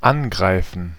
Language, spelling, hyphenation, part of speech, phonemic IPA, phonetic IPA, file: German, angreifen, an‧grei‧fen, verb, /ˈanɡʁaɪ̯fən/, [ˈanɡʁaɪ̯fn̩], De-angreifen.ogg
- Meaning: 1. to attack 2. to touch, to handle